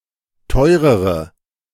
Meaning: inflection of teuer: 1. strong/mixed nominative/accusative feminine singular comparative degree 2. strong nominative/accusative plural comparative degree
- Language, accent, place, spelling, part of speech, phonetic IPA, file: German, Germany, Berlin, teurere, adjective, [ˈtɔɪ̯ʁəʁə], De-teurere.ogg